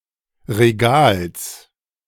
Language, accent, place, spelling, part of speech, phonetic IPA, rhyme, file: German, Germany, Berlin, Regals, noun, [ʁeˈɡaːls], -aːls, De-Regals.ogg
- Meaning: genitive of Regal